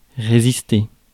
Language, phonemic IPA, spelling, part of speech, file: French, /ʁe.zis.te/, résister, verb, Fr-résister.ogg
- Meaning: to resist